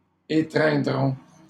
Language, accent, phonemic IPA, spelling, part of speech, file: French, Canada, /e.tʁɛ̃.dʁɔ̃/, étreindront, verb, LL-Q150 (fra)-étreindront.wav
- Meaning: third-person plural future of étreindre